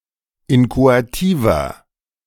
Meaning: inflection of inchoativ: 1. strong/mixed nominative masculine singular 2. strong genitive/dative feminine singular 3. strong genitive plural
- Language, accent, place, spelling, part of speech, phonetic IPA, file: German, Germany, Berlin, inchoativer, adjective, [ˈɪnkoatiːvɐ], De-inchoativer.ogg